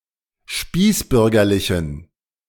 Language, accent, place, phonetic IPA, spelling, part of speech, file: German, Germany, Berlin, [ˈʃpiːsˌbʏʁɡɐlɪçn̩], spießbürgerlichen, adjective, De-spießbürgerlichen.ogg
- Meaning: inflection of spießbürgerlich: 1. strong genitive masculine/neuter singular 2. weak/mixed genitive/dative all-gender singular 3. strong/weak/mixed accusative masculine singular 4. strong dative plural